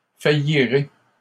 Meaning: first-person singular simple future of faillir
- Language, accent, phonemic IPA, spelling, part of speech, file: French, Canada, /fa.ji.ʁe/, faillirai, verb, LL-Q150 (fra)-faillirai.wav